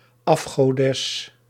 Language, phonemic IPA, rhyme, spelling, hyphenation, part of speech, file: Dutch, /ˌɑf.xoːˈdɛs/, -ɛs, afgodes, af‧go‧des, noun, Nl-afgodes.ogg
- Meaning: female idol (goddess considered to be false by the speaker)